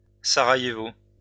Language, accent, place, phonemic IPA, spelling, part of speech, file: French, France, Lyon, /sa.ʁa.je.vo/, Sarajevo, proper noun, LL-Q150 (fra)-Sarajevo.wav
- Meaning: 1. Sarajevo (the capital city of Bosnia and Herzegovina) 2. Sarajevo (a canton of Bosnia and Herzegovina)